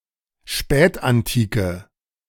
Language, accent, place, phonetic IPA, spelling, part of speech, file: German, Germany, Berlin, [ˈʃpɛːtʔanˌtiːkə], Spätantike, noun, De-Spätantike.ogg
- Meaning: Late Antiquity